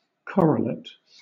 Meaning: Either of a pair of things related by a correlation; a correlative
- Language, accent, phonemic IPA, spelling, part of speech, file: English, Southern England, /ˈkɒɹələt/, correlate, noun, LL-Q1860 (eng)-correlate.wav